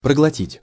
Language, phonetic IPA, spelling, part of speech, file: Russian, [prəɡɫɐˈtʲitʲ], проглотить, verb, Ru-проглотить.ogg
- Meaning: 1. to swallow 2. to swallow, to bolt, to gulp down 3. (accept without protest) to swallow, to pocket 4. to swallow, to mutter 5. (book) to devour